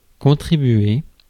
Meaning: 1. to contribute 2. to help
- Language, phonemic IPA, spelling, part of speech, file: French, /kɔ̃.tʁi.bɥe/, contribuer, verb, Fr-contribuer.ogg